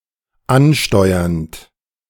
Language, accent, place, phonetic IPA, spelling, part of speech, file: German, Germany, Berlin, [ˈanˌʃtɔɪ̯ɐnt], ansteuernd, verb, De-ansteuernd.ogg
- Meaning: present participle of ansteuern